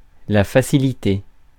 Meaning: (noun) ease, easiness; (verb) past participle of faciliter; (adjective) facilitated
- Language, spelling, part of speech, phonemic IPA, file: French, facilité, noun / verb / adjective, /fa.si.li.te/, Fr-facilité.ogg